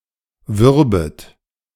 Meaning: second-person plural subjunctive II of werben
- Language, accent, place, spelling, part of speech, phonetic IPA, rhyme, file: German, Germany, Berlin, würbet, verb, [ˈvʏʁbət], -ʏʁbət, De-würbet.ogg